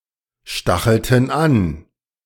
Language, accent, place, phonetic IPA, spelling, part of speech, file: German, Germany, Berlin, [ˌʃtaxl̩tn̩ ˈan], stachelten an, verb, De-stachelten an.ogg
- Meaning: inflection of anstacheln: 1. first/third-person plural preterite 2. first/third-person plural subjunctive II